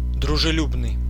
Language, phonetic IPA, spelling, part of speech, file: Russian, [drʊʐɨˈlʲubnɨj], дружелюбный, adjective, Ru-дружелюбный.ogg
- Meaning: friendly, amiable (warm, approachable)